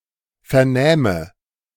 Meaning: first/third-person singular subjunctive II of vernehmen
- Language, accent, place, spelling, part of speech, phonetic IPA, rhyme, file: German, Germany, Berlin, vernähme, verb, [fɛɐ̯ˈnɛːmə], -ɛːmə, De-vernähme.ogg